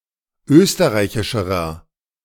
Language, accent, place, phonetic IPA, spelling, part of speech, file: German, Germany, Berlin, [ˈøːstəʁaɪ̯çɪʃəʁɐ], österreichischerer, adjective, De-österreichischerer.ogg
- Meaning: inflection of österreichisch: 1. strong/mixed nominative masculine singular comparative degree 2. strong genitive/dative feminine singular comparative degree